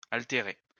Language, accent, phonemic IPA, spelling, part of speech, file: French, France, /al.te.ʁe/, altérer, verb, LL-Q150 (fra)-altérer.wav
- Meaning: 1. to alter; change; fiddle with 2. to cause thirst